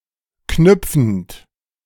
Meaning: present participle of knüpfen
- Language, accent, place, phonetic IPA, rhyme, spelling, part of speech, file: German, Germany, Berlin, [ˈknʏp͡fn̩t], -ʏp͡fn̩t, knüpfend, verb, De-knüpfend.ogg